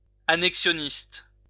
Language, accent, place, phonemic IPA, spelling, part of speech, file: French, France, Lyon, /a.nɛk.sjɔ.nist/, annexionniste, noun / adjective, LL-Q150 (fra)-annexionniste.wav
- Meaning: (noun) annexationist; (adjective) of annexationism; annexationist